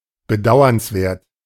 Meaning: pitiable, regrettable, deplorable, pathetic
- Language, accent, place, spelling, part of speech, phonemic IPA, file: German, Germany, Berlin, bedauernswert, adjective, /bəˈdaʊ̯ɐnsˌveːɐ̯t/, De-bedauernswert.ogg